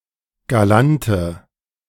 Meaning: inflection of galant: 1. strong/mixed nominative/accusative feminine singular 2. strong nominative/accusative plural 3. weak nominative all-gender singular 4. weak accusative feminine/neuter singular
- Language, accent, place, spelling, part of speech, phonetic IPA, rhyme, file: German, Germany, Berlin, galante, adjective, [ɡaˈlantə], -antə, De-galante.ogg